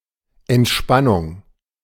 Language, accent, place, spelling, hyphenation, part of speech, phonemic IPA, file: German, Germany, Berlin, Entspannung, Ent‧span‧nung, noun, /ʔɛntˈʃpanʊŋ/, De-Entspannung.ogg
- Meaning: 1. relaxation 2. recreation 3. catharsis 4. detente